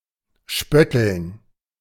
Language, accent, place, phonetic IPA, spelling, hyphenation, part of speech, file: German, Germany, Berlin, [ˈʃpœtl̩n], spötteln, spöt‧teln, verb, De-spötteln.ogg
- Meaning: to make mocking remarks